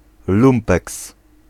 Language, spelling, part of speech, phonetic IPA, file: Polish, lumpeks, noun, [ˈlũmpɛks], Pl-lumpeks.ogg